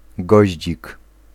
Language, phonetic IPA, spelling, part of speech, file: Polish, [ˈɡɔʑd͡ʑik], goździk, noun, Pl-goździk.ogg